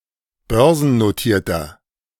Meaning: inflection of börsennotiert: 1. strong/mixed nominative masculine singular 2. strong genitive/dative feminine singular 3. strong genitive plural
- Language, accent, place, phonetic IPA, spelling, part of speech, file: German, Germany, Berlin, [ˈbœʁzn̩noˌtiːɐ̯tɐ], börsennotierter, adjective, De-börsennotierter.ogg